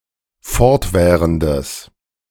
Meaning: strong/mixed nominative/accusative neuter singular of fortwährend
- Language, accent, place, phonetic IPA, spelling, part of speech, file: German, Germany, Berlin, [ˈfɔʁtˌvɛːʁəndəs], fortwährendes, adjective, De-fortwährendes.ogg